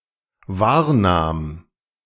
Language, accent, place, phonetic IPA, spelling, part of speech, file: German, Germany, Berlin, [ˈvaːɐ̯ˌnaːm], wahrnahm, verb, De-wahrnahm.ogg
- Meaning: first/third-person singular dependent preterite of wahrnehmen